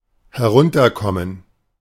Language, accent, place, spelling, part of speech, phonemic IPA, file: German, Germany, Berlin, herunterkommen, verb, /hɛˈʁʊntɐˌkɔmən/, De-herunterkommen.ogg
- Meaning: 1. to come down, to descend 2. to decay, go to seed